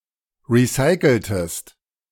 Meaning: inflection of recyceln: 1. second-person singular preterite 2. second-person singular subjunctive II
- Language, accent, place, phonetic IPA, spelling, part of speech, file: German, Germany, Berlin, [ˌʁiˈsaɪ̯kl̩təst], recyceltest, verb, De-recyceltest.ogg